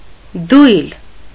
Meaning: bucket, pail
- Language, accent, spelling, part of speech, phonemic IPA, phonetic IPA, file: Armenian, Eastern Armenian, դույլ, noun, /dujl/, [dujl], Hy-դույլ.ogg